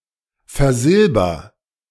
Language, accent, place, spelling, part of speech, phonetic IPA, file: German, Germany, Berlin, versilber, verb, [fɛɐ̯ˈzɪlbɐ], De-versilber.ogg
- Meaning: inflection of versilbern: 1. first-person singular present 2. singular imperative